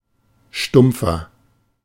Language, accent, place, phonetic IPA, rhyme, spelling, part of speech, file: German, Germany, Berlin, [ˈʃtʊmp͡fɐ], -ʊmp͡fɐ, stumpfer, adjective, De-stumpfer.ogg
- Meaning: 1. comparative degree of stumpf 2. inflection of stumpf: strong/mixed nominative masculine singular 3. inflection of stumpf: strong genitive/dative feminine singular